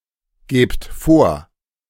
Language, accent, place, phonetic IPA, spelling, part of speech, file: German, Germany, Berlin, [ˌɡeːpt ˈfoːɐ̯], gebt vor, verb, De-gebt vor.ogg
- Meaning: inflection of vorgeben: 1. second-person plural present 2. plural imperative